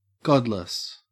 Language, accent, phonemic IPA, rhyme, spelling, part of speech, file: English, Australia, /ˈɡɒdləs/, -ɒdləs, godless, adjective, En-au-godless.ogg
- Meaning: 1. Not acknowledging any deity or god; without belief in any deity or god 2. Evil, wicked, worldly